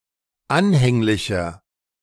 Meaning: 1. comparative degree of anhänglich 2. inflection of anhänglich: strong/mixed nominative masculine singular 3. inflection of anhänglich: strong genitive/dative feminine singular
- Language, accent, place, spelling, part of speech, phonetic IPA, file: German, Germany, Berlin, anhänglicher, adjective, [ˈanhɛŋlɪçɐ], De-anhänglicher.ogg